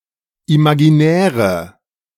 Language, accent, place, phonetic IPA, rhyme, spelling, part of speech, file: German, Germany, Berlin, [imaɡiˈnɛːʁə], -ɛːʁə, imaginäre, adjective, De-imaginäre.ogg
- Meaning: inflection of imaginär: 1. strong/mixed nominative/accusative feminine singular 2. strong nominative/accusative plural 3. weak nominative all-gender singular